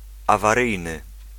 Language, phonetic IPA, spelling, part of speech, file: Polish, [ˌavaˈrɨjnɨ], awaryjny, adjective, Pl-awaryjny.ogg